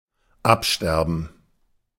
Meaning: 1. to atrophy 2. to necrotize 3. to die back
- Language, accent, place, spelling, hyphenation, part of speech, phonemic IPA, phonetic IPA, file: German, Germany, Berlin, absterben, ab‧ster‧ben, verb, /ˈapˌʃtɛʁbən/, [ˈʔapˌʃtɛɐ̯bm̩], De-absterben.ogg